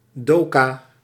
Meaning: darkroom (photographic developing room)
- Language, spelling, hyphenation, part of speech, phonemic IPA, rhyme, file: Dutch, doka, do‧ka, noun, /ˈdoː.kaː/, -oːkaː, Nl-doka.ogg